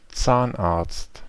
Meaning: dentist
- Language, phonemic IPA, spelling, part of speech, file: German, /ˈt͡saːnʔaɐ̯t͡st/, Zahnarzt, noun, De-Zahnarzt.ogg